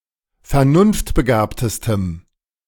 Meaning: strong dative masculine/neuter singular superlative degree of vernunftbegabt
- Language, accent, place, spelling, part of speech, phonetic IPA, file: German, Germany, Berlin, vernunftbegabtestem, adjective, [fɛɐ̯ˈnʊnftbəˌɡaːptəstəm], De-vernunftbegabtestem.ogg